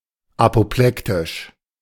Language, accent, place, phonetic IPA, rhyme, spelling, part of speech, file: German, Germany, Berlin, [apoˈplɛktɪʃ], -ɛktɪʃ, apoplektisch, adjective, De-apoplektisch.ogg
- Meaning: apoplectic